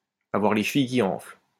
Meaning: to have a big head, to be big-headed
- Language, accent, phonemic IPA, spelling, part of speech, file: French, France, /a.vwaʁ le ʃ(ə).vij ki ɑ̃fl/, avoir les chevilles qui enflent, verb, LL-Q150 (fra)-avoir les chevilles qui enflent.wav